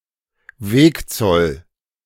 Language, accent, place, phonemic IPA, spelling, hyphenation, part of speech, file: German, Germany, Berlin, /ˈveːkˌt͡sɔl/, Wegzoll, Weg‧zoll, noun, De-Wegzoll.ogg
- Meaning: road toll